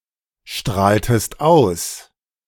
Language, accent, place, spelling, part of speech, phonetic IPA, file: German, Germany, Berlin, strahltest aus, verb, [ˌʃtʁaːltəst ˈaʊ̯s], De-strahltest aus.ogg
- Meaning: inflection of ausstrahlen: 1. second-person singular preterite 2. second-person singular subjunctive II